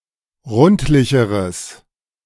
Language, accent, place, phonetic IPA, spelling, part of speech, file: German, Germany, Berlin, [ˈʁʊntlɪçəʁəs], rundlicheres, adjective, De-rundlicheres.ogg
- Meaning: strong/mixed nominative/accusative neuter singular comparative degree of rundlich